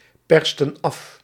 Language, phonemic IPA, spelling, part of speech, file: Dutch, /ˈpɛrstə(n) ˈɑf/, persten af, verb, Nl-persten af.ogg
- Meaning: inflection of afpersen: 1. plural past indicative 2. plural past subjunctive